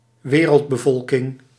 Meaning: global population, world population
- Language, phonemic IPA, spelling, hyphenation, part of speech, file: Dutch, /ˈʋeː.rəlt.bəˌvɔl.kɪŋ/, wereldbevolking, we‧reld‧be‧vol‧king, noun, Nl-wereldbevolking.ogg